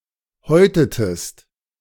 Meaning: inflection of häuten: 1. second-person singular preterite 2. second-person singular subjunctive II
- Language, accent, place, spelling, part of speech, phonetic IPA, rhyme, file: German, Germany, Berlin, häutetest, verb, [ˈhɔɪ̯tətəst], -ɔɪ̯tətəst, De-häutetest.ogg